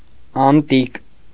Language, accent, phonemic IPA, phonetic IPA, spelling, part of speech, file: Armenian, Eastern Armenian, /ɑnˈtik/, [ɑntík], անտիկ, adjective, Hy-անտիկ.ogg
- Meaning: 1. antique (of or pertaining to Greek or Roman culture, art, or society) 2. antique, classic